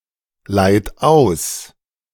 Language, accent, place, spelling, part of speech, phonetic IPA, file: German, Germany, Berlin, leiht aus, verb, [ˌlaɪ̯t ˈaʊ̯s], De-leiht aus.ogg
- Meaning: inflection of ausleihen: 1. third-person singular present 2. second-person plural present 3. plural imperative